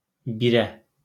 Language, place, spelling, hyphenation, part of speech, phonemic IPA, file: Azerbaijani, Baku, birə, bi‧rə, noun, /biˈræ/, LL-Q9292 (aze)-birə.wav
- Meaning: flea